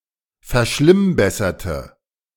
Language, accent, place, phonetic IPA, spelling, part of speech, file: German, Germany, Berlin, [fɛɐ̯ˈʃlɪmˌbɛsɐtə], verschlimmbesserte, adjective / verb, De-verschlimmbesserte.ogg
- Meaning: inflection of verschlimmbessern: 1. first/third-person singular preterite 2. first/third-person singular subjunctive II